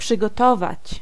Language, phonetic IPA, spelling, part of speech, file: Polish, [ˌpʃɨɡɔˈtɔvat͡ɕ], przygotować, verb, Pl-przygotować.ogg